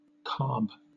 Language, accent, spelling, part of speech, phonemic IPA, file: English, Southern England, carb, noun, /kɑːb/, LL-Q1860 (eng)-carb.wav
- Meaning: 1. Clipping of carbohydrate 2. Clipping of carburetor or carburettor 3. The hole on a pipe which is covered and opened to control the inflow of air